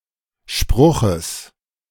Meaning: genitive singular of Spruch
- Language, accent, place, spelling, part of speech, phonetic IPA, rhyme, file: German, Germany, Berlin, Spruches, noun, [ˈʃpʁʊxəs], -ʊxəs, De-Spruches.ogg